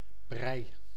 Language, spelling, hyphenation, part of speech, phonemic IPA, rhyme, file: Dutch, brij, brij, noun, /brɛi̯/, -ɛi̯, Nl-brij.ogg
- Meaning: 1. porridge 2. goop, muck